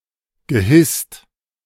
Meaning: past participle of hissen
- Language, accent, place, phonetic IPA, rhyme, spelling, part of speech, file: German, Germany, Berlin, [ɡəˈhɪst], -ɪst, gehisst, verb, De-gehisst.ogg